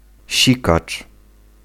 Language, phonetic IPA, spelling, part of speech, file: Polish, [ˈɕikat͡ʃ], sikacz, noun, Pl-sikacz.ogg